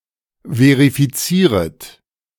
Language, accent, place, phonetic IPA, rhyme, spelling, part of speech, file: German, Germany, Berlin, [ˌveʁifiˈt͡siːʁət], -iːʁət, verifizieret, verb, De-verifizieret.ogg
- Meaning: second-person plural subjunctive I of verifizieren